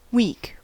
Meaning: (noun) 1. Any period of seven consecutive days 2. A period of seven days beginning with Sunday or Monday 3. A period of five days beginning with Monday
- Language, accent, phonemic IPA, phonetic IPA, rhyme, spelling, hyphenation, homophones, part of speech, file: English, US, /wiːk/, [ˈwɪi̯k], -iːk, week, week, weak, noun / interjection, En-us-week.ogg